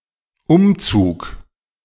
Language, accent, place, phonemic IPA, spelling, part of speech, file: German, Germany, Berlin, /ˈʔʊmt͡suːk/, Umzug, noun, De-Umzug.ogg
- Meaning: 1. move, removal, relocation (change of residence) 2. parade